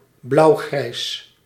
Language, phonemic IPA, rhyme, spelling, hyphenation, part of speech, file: Dutch, /blɑu̯ˈɣrɛi̯s/, -ɛi̯s, blauwgrijs, blauw‧grijs, adjective, Nl-blauwgrijs.ogg
- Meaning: blue-grey